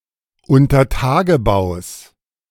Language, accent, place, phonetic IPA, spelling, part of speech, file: German, Germany, Berlin, [ʊntɐˈtaːɡəˌbaʊ̯s], Untertagebaus, noun, De-Untertagebaus.ogg
- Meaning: genitive singular of Untertagebau